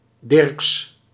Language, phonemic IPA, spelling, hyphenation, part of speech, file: Dutch, /dɪrks/, Dirks, Dirks, proper noun, Nl-Dirks.ogg
- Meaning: a surname originating as a patronymic